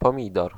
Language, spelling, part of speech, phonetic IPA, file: Polish, pomidor, noun, [pɔ̃ˈmʲidɔr], Pl-pomidor.ogg